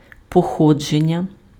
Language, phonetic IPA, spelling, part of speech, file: Ukrainian, [pɔˈxɔd͡ʒenʲːɐ], походження, noun, Uk-походження.ogg
- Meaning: 1. origin, provenance 2. descent, lineage, extraction, ancestry